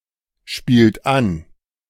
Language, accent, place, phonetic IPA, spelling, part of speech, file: German, Germany, Berlin, [ˌʃpiːlt ˈan], spielt an, verb, De-spielt an.ogg
- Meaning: inflection of anspielen: 1. second-person plural present 2. third-person singular present 3. plural imperative